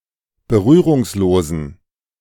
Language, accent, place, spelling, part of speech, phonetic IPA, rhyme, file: German, Germany, Berlin, berührungslosen, adjective, [bəˈʁyːʁʊŋsˌloːzn̩], -yːʁʊŋsloːzn̩, De-berührungslosen.ogg
- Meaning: inflection of berührungslos: 1. strong genitive masculine/neuter singular 2. weak/mixed genitive/dative all-gender singular 3. strong/weak/mixed accusative masculine singular 4. strong dative plural